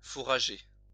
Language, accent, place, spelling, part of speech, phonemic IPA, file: French, France, Lyon, fourrager, adjective / verb, /fu.ʁa.ʒe/, LL-Q150 (fra)-fourrager.wav
- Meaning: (adjective) fodder; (verb) 1. to forage 2. to rummage through